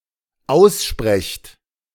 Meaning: second-person plural dependent present of aussprechen
- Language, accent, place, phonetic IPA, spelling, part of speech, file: German, Germany, Berlin, [ˈaʊ̯sˌʃpʁɛçt], aussprecht, verb, De-aussprecht.ogg